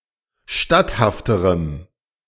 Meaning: strong dative masculine/neuter singular comparative degree of statthaft
- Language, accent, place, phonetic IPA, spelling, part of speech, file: German, Germany, Berlin, [ˈʃtathaftəʁəm], statthafterem, adjective, De-statthafterem.ogg